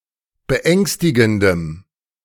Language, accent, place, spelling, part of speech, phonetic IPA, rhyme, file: German, Germany, Berlin, beängstigendem, adjective, [bəˈʔɛŋstɪɡn̩dəm], -ɛŋstɪɡn̩dəm, De-beängstigendem.ogg
- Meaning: strong dative masculine/neuter singular of beängstigend